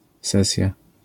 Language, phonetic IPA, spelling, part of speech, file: Polish, [ˈsɛsʲja], sesja, noun, LL-Q809 (pol)-sesja.wav